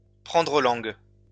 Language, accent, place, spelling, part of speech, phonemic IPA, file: French, France, Lyon, prendre langue, verb, /pʁɑ̃.dʁə lɑ̃ɡ/, LL-Q150 (fra)-prendre langue.wav
- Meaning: to make inquiries, to learn about the situation, to become acquainted with the situation